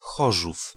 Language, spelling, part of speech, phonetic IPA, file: Polish, Chorzów, proper noun, [ˈxɔʒuf], Pl-Chorzów.ogg